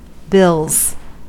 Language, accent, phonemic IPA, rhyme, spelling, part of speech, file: English, US, /bɪlz/, -ɪlz, bills, noun / verb, En-us-bills.ogg
- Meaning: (noun) plural of bill; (verb) third-person singular simple present indicative of bill